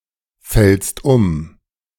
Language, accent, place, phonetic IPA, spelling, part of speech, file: German, Germany, Berlin, [ˌfɛlst ˈʊm], fällst um, verb, De-fällst um.ogg
- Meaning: second-person singular present of umfallen